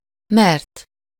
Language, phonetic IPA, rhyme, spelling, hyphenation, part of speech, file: Hungarian, [ˈmɛrt], -ɛrt, mert, mert, conjunction / verb, Hu-mert.ogg
- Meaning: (conjunction) because (by or for the cause that; on this account that; for the reason that); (verb) 1. third-person singular indicative past indefinite of mer 2. past participle of mer